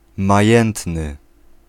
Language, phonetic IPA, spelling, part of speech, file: Polish, [maˈjɛ̃ntnɨ], majętny, adjective, Pl-majętny.ogg